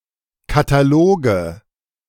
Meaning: nominative/accusative/genitive plural of Katalog
- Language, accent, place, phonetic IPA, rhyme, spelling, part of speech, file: German, Germany, Berlin, [kataˈloːɡə], -oːɡə, Kataloge, noun, De-Kataloge.ogg